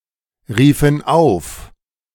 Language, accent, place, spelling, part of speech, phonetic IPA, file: German, Germany, Berlin, riefen auf, verb, [ˌʁiːfn̩ ˈaʊ̯f], De-riefen auf.ogg
- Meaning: first/third-person plural preterite of aufrufen